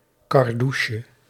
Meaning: diminutive of kardoes
- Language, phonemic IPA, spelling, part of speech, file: Dutch, /kɑrˈduʃə/, kardoesje, noun, Nl-kardoesje.ogg